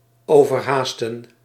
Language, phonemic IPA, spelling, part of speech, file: Dutch, /oː.vərˈɦaːstə(n)/, overhaasten, verb, Nl-overhaasten.ogg
- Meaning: 1. to rush, hurry 2. to rouse